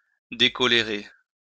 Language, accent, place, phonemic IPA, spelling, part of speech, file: French, France, Lyon, /de.kɔ.le.ʁe/, décolérer, verb, LL-Q150 (fra)-décolérer.wav
- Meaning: to calm down